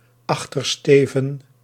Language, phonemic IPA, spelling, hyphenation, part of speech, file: Dutch, /ˈɑx.tərˌsteː.və(n)/, Achtersteven, Ach‧ter‧ste‧ven, proper noun, Nl-Achtersteven.ogg
- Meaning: Puppis